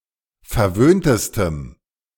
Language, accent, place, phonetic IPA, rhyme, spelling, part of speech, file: German, Germany, Berlin, [fɛɐ̯ˈvøːntəstəm], -øːntəstəm, verwöhntestem, adjective, De-verwöhntestem.ogg
- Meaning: strong dative masculine/neuter singular superlative degree of verwöhnt